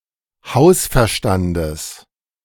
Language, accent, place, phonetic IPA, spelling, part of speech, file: German, Germany, Berlin, [ˈhaʊ̯sfɛɐ̯ˌʃtandəs], Hausverstandes, noun, De-Hausverstandes.ogg
- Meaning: genitive singular of Hausverstand